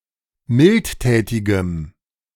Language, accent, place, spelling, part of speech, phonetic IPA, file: German, Germany, Berlin, mildtätigem, adjective, [ˈmɪltˌtɛːtɪɡəm], De-mildtätigem.ogg
- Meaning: strong dative masculine/neuter singular of mildtätig